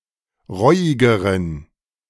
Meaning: inflection of reuig: 1. strong genitive masculine/neuter singular comparative degree 2. weak/mixed genitive/dative all-gender singular comparative degree
- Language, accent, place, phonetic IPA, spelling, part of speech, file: German, Germany, Berlin, [ˈʁɔɪ̯ɪɡəʁən], reuigeren, adjective, De-reuigeren.ogg